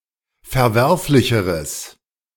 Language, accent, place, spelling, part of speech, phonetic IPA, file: German, Germany, Berlin, verwerflicheres, adjective, [fɛɐ̯ˈvɛʁflɪçəʁəs], De-verwerflicheres.ogg
- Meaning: strong/mixed nominative/accusative neuter singular comparative degree of verwerflich